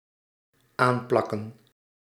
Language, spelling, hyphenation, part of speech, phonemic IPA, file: Dutch, aanplakken, aan‧plak‧ken, verb, /ˈaːnˌplɑ.kə(n)/, Nl-aanplakken.ogg
- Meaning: 1. to stick, to affix (on a surface) 2. to palm off (on/to)